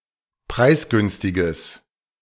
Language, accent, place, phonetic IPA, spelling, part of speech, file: German, Germany, Berlin, [ˈpʁaɪ̯sˌɡʏnstɪɡəs], preisgünstiges, adjective, De-preisgünstiges.ogg
- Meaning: strong/mixed nominative/accusative neuter singular of preisgünstig